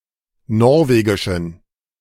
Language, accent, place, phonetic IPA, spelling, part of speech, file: German, Germany, Berlin, [ˈnɔʁveːɡɪʃn̩], norwegischen, adjective, De-norwegischen.ogg
- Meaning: inflection of norwegisch: 1. strong genitive masculine/neuter singular 2. weak/mixed genitive/dative all-gender singular 3. strong/weak/mixed accusative masculine singular 4. strong dative plural